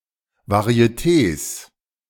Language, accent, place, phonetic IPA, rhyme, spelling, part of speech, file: German, Germany, Berlin, [vaʁi̯eˈteːs], -eːs, Varietés, noun, De-Varietés.ogg
- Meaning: 1. genitive singular of Varieté 2. plural of Varieté